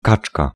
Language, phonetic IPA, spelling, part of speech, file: Polish, [ˈkat͡ʃka], kaczka, noun, Pl-kaczka.ogg